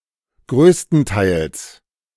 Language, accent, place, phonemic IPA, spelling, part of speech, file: German, Germany, Berlin, /ˈɡʁøːstəntaɪ̯ls/, größtenteils, adverb, De-größtenteils.ogg
- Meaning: largely, mostly